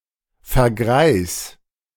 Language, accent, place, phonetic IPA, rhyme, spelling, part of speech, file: German, Germany, Berlin, [fɛɐ̯ˈɡʁaɪ̯s], -aɪ̯s, vergreis, verb, De-vergreis.ogg
- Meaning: singular imperative of vergreisen